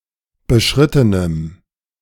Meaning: strong dative masculine/neuter singular of beschritten
- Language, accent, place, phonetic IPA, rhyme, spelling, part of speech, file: German, Germany, Berlin, [bəˈʃʁɪtənəm], -ɪtənəm, beschrittenem, adjective, De-beschrittenem.ogg